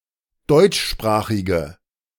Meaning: inflection of deutschsprachig: 1. strong/mixed nominative/accusative feminine singular 2. strong nominative/accusative plural 3. weak nominative all-gender singular
- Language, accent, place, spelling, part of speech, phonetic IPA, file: German, Germany, Berlin, deutschsprachige, adjective, [ˈdɔɪ̯t͡ʃˌʃpʁaːxɪɡə], De-deutschsprachige.ogg